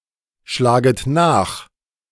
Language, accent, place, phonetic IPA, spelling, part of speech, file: German, Germany, Berlin, [ˌʃlaːɡət ˈnaːx], schlaget nach, verb, De-schlaget nach.ogg
- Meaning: second-person plural subjunctive I of nachschlagen